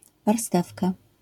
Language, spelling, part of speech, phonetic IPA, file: Polish, warstewka, noun, [varˈstɛfka], LL-Q809 (pol)-warstewka.wav